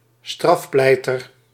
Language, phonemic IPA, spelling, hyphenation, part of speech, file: Dutch, /ˈstrɑfˌplɛi̯.tər/, strafpleiter, straf‧plei‧ter, noun, Nl-strafpleiter.ogg
- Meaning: a defence counsel or defense lawyer specialised in criminal law